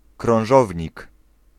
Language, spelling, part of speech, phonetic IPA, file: Polish, krążownik, noun, [krɔ̃w̃ˈʒɔvʲɲik], Pl-krążownik.ogg